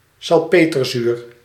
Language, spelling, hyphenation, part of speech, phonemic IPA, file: Dutch, salpeterzuur, sal‧pe‧ter‧zuur, noun, /sɑlˈpetərˌzyr/, Nl-salpeterzuur.ogg
- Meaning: nitric acid